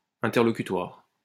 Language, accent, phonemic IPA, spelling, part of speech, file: French, France, /ɛ̃.tɛʁ.lɔ.ky.twaʁ/, interlocutoire, adjective, LL-Q150 (fra)-interlocutoire.wav
- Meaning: interlocutory, conversational